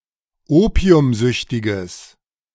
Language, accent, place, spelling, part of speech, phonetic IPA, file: German, Germany, Berlin, opiumsüchtiges, adjective, [ˈoːpi̯ʊmˌzʏçtɪɡəs], De-opiumsüchtiges.ogg
- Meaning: strong/mixed nominative/accusative neuter singular of opiumsüchtig